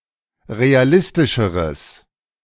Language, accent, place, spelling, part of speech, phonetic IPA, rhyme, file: German, Germany, Berlin, realistischeres, adjective, [ʁeaˈlɪstɪʃəʁəs], -ɪstɪʃəʁəs, De-realistischeres.ogg
- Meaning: strong/mixed nominative/accusative neuter singular comparative degree of realistisch